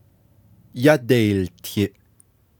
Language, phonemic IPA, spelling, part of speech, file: Navajo, /jɑ́tɛ̀ìːltʰɪ̀ʔ/, yádeiiltiʼ, verb, Nv-yádeiiltiʼ.ogg
- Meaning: 1. first-person plural imperfective of yáłtiʼ 2. first-person plural perfective of yáłtiʼ